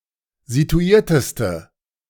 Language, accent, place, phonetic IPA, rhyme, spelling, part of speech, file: German, Germany, Berlin, [zituˈiːɐ̯təstə], -iːɐ̯təstə, situierteste, adjective, De-situierteste.ogg
- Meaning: inflection of situiert: 1. strong/mixed nominative/accusative feminine singular superlative degree 2. strong nominative/accusative plural superlative degree